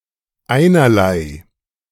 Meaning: all the same, not of consequence
- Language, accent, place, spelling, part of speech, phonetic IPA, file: German, Germany, Berlin, einerlei, adjective, [ˈaɪ̯nɐlaɪ̯], De-einerlei.ogg